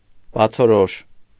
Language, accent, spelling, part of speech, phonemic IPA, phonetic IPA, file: Armenian, Eastern Armenian, բացորոշ, adjective, /bɑt͡sʰoˈɾoʃ/, [bɑt͡sʰoɾóʃ], Hy-բացորոշ.ogg
- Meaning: obvious, clear, evident